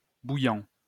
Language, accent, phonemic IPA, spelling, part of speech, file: French, France, /bu.jɑ̃/, bouillant, adjective / verb, LL-Q150 (fra)-bouillant.wav
- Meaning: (adjective) 1. boiling (having reached boiling point) 2. very hot; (verb) present participle of bouillir